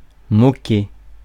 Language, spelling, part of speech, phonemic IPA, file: French, moquer, verb, /mɔ.ke/, Fr-moquer.ogg
- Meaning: 1. to mock 2. to make fun (of someone) 3. to be indifferent; to not care (about something)